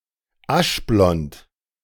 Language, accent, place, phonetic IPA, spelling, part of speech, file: German, Germany, Berlin, [ˈaʃˌblɔnt], aschblond, adjective, De-aschblond.ogg
- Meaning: ash blonde